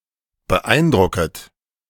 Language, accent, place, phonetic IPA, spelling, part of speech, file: German, Germany, Berlin, [bəˈʔaɪ̯nˌdʁʊkət], beeindrucket, verb, De-beeindrucket.ogg
- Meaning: second-person plural subjunctive I of beeindrucken